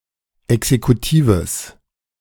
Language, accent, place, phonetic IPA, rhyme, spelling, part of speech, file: German, Germany, Berlin, [ɛksekuˈtiːvəs], -iːvəs, exekutives, adjective, De-exekutives.ogg
- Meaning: strong/mixed nominative/accusative neuter singular of exekutiv